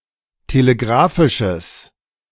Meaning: strong/mixed nominative/accusative neuter singular of telegrafisch
- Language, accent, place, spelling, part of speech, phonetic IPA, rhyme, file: German, Germany, Berlin, telegrafisches, adjective, [teleˈɡʁaːfɪʃəs], -aːfɪʃəs, De-telegrafisches.ogg